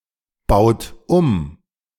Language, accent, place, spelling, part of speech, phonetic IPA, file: German, Germany, Berlin, baut um, verb, [ˌbaʊ̯t ˈum], De-baut um.ogg
- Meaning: inflection of umbauen: 1. second-person plural present 2. third-person singular present 3. plural imperative